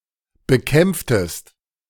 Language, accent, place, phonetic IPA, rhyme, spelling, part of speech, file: German, Germany, Berlin, [bəˈkɛmp͡ftəst], -ɛmp͡ftəst, bekämpftest, verb, De-bekämpftest.ogg
- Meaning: inflection of bekämpfen: 1. second-person singular preterite 2. second-person singular subjunctive II